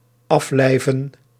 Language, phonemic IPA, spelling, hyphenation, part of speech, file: Dutch, /ˈɑflɛi̯və(n)/, aflijven, af‧lij‧ven, verb, Nl-aflijven.ogg
- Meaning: to depart from life, die